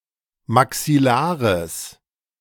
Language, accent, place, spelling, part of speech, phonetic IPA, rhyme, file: German, Germany, Berlin, maxillares, adjective, [maksɪˈlaːʁəs], -aːʁəs, De-maxillares.ogg
- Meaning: strong/mixed nominative/accusative neuter singular of maxillar